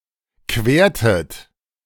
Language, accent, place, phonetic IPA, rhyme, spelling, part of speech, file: German, Germany, Berlin, [ˈkveːɐ̯tət], -eːɐ̯tət, quertet, verb, De-quertet.ogg
- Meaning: inflection of queren: 1. second-person plural preterite 2. second-person plural subjunctive II